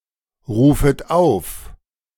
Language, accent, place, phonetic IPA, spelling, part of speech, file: German, Germany, Berlin, [ˌʁuːfət ˈaʊ̯f], rufet auf, verb, De-rufet auf.ogg
- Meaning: second-person plural subjunctive I of aufrufen